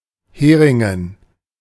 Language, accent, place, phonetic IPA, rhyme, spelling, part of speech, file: German, Germany, Berlin, [ˈheːʁɪŋən], -eːʁɪŋən, Heringen, proper noun / noun, De-Heringen.ogg
- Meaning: dative plural of Hering